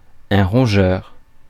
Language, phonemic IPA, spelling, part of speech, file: French, /ʁɔ̃.ʒœʁ/, rongeur, noun, Fr-rongeur.ogg
- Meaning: 1. rodent 2. rongeur